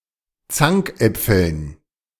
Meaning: dative plural of Zankapfel
- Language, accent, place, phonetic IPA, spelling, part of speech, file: German, Germany, Berlin, [ˈt͡saŋkˌʔɛp͡fl̩n], Zankäpfeln, noun, De-Zankäpfeln.ogg